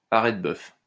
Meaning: restharrow
- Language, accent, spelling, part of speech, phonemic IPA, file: French, France, arrête-bœuf, noun, /a.ʁɛt.bœf/, LL-Q150 (fra)-arrête-bœuf.wav